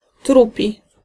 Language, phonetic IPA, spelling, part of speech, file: Polish, [ˈtrupʲi], trupi, adjective, Pl-trupi.ogg